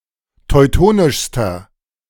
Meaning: inflection of teutonisch: 1. strong/mixed nominative masculine singular superlative degree 2. strong genitive/dative feminine singular superlative degree 3. strong genitive plural superlative degree
- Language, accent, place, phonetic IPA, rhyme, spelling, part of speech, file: German, Germany, Berlin, [tɔɪ̯ˈtoːnɪʃstɐ], -oːnɪʃstɐ, teutonischster, adjective, De-teutonischster.ogg